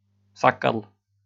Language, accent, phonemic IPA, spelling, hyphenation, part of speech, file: German, Austria, /ˈz̥akɐl/, Sackerl, Sa‧ckerl, noun, De-at-Sackerl.ogg
- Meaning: diminutive of Sack; a little bag, shopping bag